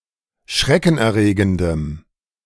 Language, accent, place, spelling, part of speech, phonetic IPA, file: German, Germany, Berlin, schreckenerregendem, adjective, [ˈʃʁɛkn̩ʔɛɐ̯ˌʁeːɡəndəm], De-schreckenerregendem.ogg
- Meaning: strong dative masculine/neuter singular of schreckenerregend